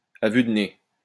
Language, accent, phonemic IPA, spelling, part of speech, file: French, France, /a vy d(ə) ne/, à vue de nez, adverb, LL-Q150 (fra)-à vue de nez.wav
- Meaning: at a guess, at first glance, at a glance